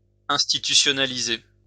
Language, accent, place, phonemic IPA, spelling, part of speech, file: French, France, Lyon, /ɛ̃s.ti.ty.sjɔ.na.li.ze/, institutionaliser, verb, LL-Q150 (fra)-institutionaliser.wav
- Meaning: alternative form of institutionnaliser